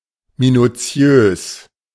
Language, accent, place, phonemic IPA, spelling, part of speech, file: German, Germany, Berlin, /minuˈt͡si̯øːs/, minuziös, adjective, De-minuziös.ogg
- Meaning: alternative form of minutiös